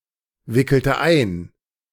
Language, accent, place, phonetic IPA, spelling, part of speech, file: German, Germany, Berlin, [ˌvɪkl̩tə ˈaɪ̯n], wickelte ein, verb, De-wickelte ein.ogg
- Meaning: inflection of einwickeln: 1. first/third-person singular preterite 2. first/third-person singular subjunctive II